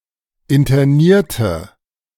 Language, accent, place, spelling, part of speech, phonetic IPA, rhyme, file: German, Germany, Berlin, internierte, adjective / verb, [ɪntɐˈniːɐ̯tə], -iːɐ̯tə, De-internierte.ogg
- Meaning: inflection of internieren: 1. first/third-person singular preterite 2. first/third-person singular subjunctive II